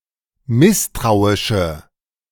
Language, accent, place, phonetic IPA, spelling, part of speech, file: German, Germany, Berlin, [ˈmɪstʁaʊ̯ɪʃə], misstrauische, adjective, De-misstrauische.ogg
- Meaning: inflection of misstrauisch: 1. strong/mixed nominative/accusative feminine singular 2. strong nominative/accusative plural 3. weak nominative all-gender singular